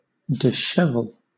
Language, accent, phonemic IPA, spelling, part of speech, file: English, Southern England, /dɪ(s)ˈʃɛvl̩/, dishevel, verb, LL-Q1860 (eng)-dishevel.wav
- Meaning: 1. To throw into disorder; upheave 2. To disarrange or loosen (hair, clothing, etc.) 3. To spread out in disorder